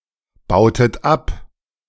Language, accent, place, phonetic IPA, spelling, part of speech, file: German, Germany, Berlin, [ˌbaʊ̯tət ˈap], bautet ab, verb, De-bautet ab.ogg
- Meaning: inflection of abbauen: 1. second-person plural preterite 2. second-person plural subjunctive II